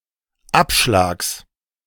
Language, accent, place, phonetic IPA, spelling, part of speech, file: German, Germany, Berlin, [ˈapʃlaːks], Abschlags, noun, De-Abschlags.ogg
- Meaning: genitive singular of Abschlag